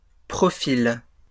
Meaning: plural of profil
- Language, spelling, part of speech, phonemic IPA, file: French, profils, noun, /pʁɔ.fil/, LL-Q150 (fra)-profils.wav